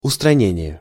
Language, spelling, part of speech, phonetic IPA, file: Russian, устранение, noun, [ʊstrɐˈnʲenʲɪje], Ru-устранение.ogg
- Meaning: 1. elimination, removal, disposal 2. removal (from power or a position)